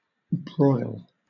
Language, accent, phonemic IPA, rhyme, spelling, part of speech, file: English, Southern England, /bɹɔɪl/, -ɔɪl, broil, verb / noun, LL-Q1860 (eng)-broil.wav
- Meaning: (verb) 1. To cook by direct, radiant heat 2. To expose to great heat 3. To be exposed to great heat; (noun) Food prepared by broiling; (verb) 1. To cause a rowdy disturbance; embroil 2. To brawl